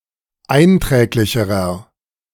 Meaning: inflection of einträglich: 1. strong/mixed nominative masculine singular comparative degree 2. strong genitive/dative feminine singular comparative degree 3. strong genitive plural comparative degree
- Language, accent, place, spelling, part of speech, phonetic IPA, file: German, Germany, Berlin, einträglicherer, adjective, [ˈaɪ̯nˌtʁɛːklɪçəʁɐ], De-einträglicherer.ogg